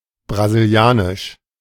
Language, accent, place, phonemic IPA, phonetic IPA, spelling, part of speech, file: German, Germany, Berlin, /braziˈli̯aːnɪʃ/, [bʁa.zɪlˈjaː.nɪʃ], brasilianisch, adjective, De-brasilianisch.ogg
- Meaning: Brazilian